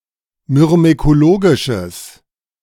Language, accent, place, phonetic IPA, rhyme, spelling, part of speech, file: German, Germany, Berlin, [mʏʁmekoˈloːɡɪʃəs], -oːɡɪʃəs, myrmekologisches, adjective, De-myrmekologisches.ogg
- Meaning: strong/mixed nominative/accusative neuter singular of myrmekologisch